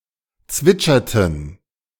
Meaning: inflection of zwitschern: 1. first/third-person plural preterite 2. first/third-person plural subjunctive II
- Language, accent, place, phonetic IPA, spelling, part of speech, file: German, Germany, Berlin, [ˈt͡svɪt͡ʃɐtn̩], zwitscherten, verb, De-zwitscherten.ogg